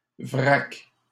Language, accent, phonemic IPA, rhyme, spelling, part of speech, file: French, Canada, /vʁak/, -ak, vrac, noun, LL-Q150 (fra)-vrac.wav
- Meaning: bulk (goods sold and transported unpackaged in large amounts)